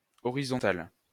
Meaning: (adjective) feminine singular of horizontal; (noun) 1. horizontal 2. lady of the night
- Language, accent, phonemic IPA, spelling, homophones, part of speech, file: French, France, /ɔ.ʁi.zɔ̃.tal/, horizontale, horizontal / horizontales, adjective / noun, LL-Q150 (fra)-horizontale.wav